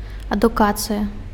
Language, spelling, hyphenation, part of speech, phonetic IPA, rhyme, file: Belarusian, адукацыя, аду‧ка‧цы‧я, noun, [aduˈkat͡sɨja], -at͡sɨja, Be-адукацыя.ogg
- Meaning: education